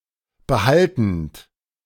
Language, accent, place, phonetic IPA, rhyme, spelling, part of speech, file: German, Germany, Berlin, [bəˈhaltn̩t], -altn̩t, behaltend, verb, De-behaltend.ogg
- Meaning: present participle of behalten